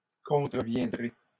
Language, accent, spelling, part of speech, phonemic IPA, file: French, Canada, contreviendrez, verb, /kɔ̃.tʁə.vjɛ̃.dʁe/, LL-Q150 (fra)-contreviendrez.wav
- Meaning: second-person plural simple future of contrevenir